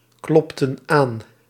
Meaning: inflection of aankloppen: 1. plural past indicative 2. plural past subjunctive
- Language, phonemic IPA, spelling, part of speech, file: Dutch, /ˈklɔptə(n) ˈan/, klopten aan, verb, Nl-klopten aan.ogg